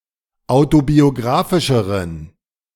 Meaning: inflection of autobiographisch: 1. strong genitive masculine/neuter singular comparative degree 2. weak/mixed genitive/dative all-gender singular comparative degree
- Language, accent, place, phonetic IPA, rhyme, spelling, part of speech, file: German, Germany, Berlin, [ˌaʊ̯tobioˈɡʁaːfɪʃəʁən], -aːfɪʃəʁən, autobiographischeren, adjective, De-autobiographischeren.ogg